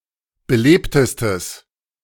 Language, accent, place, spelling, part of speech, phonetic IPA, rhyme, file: German, Germany, Berlin, belebtestes, adjective, [bəˈleːptəstəs], -eːptəstəs, De-belebtestes.ogg
- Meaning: strong/mixed nominative/accusative neuter singular superlative degree of belebt